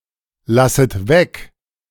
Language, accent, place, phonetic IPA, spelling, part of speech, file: German, Germany, Berlin, [ˌlasət ˈvɛk], lasset weg, verb, De-lasset weg.ogg
- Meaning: second-person plural subjunctive I of weglassen